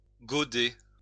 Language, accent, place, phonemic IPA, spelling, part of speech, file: French, France, Lyon, /ɡo.de/, gauder, verb, LL-Q150 (fra)-gauder.wav
- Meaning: to dye using weld (natural yellow dyestuff)